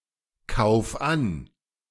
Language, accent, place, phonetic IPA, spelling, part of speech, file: German, Germany, Berlin, [ˌkaʊ̯f ˈan], kauf an, verb, De-kauf an.ogg
- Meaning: 1. singular imperative of ankaufen 2. first-person singular present of ankaufen